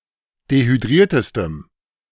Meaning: strong dative masculine/neuter singular superlative degree of dehydriert
- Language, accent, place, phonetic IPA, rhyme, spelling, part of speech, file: German, Germany, Berlin, [dehyˈdʁiːɐ̯təstəm], -iːɐ̯təstəm, dehydriertestem, adjective, De-dehydriertestem.ogg